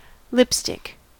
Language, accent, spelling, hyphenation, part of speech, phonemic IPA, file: English, General American, lipstick, lip‧stick, noun / verb, /ˈlɪpˌstɪk/, En-us-lipstick.ogg
- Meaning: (noun) 1. Makeup for the lips 2. A stick of this makeup 3. A dog's penis 4. Ellipsis of lipstick lesbian; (verb) To apply lipstick to; to paint with lipstick